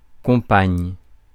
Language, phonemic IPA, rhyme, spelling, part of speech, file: French, /kɔ̃.paɲ/, -aɲ, compagne, noun, Fr-compagne.ogg
- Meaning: female equivalent of compagnon: female companion